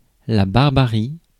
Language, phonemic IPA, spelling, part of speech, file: French, /baʁ.ba.ʁi/, barbarie, noun, Fr-barbarie.ogg
- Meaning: barbarity, savagery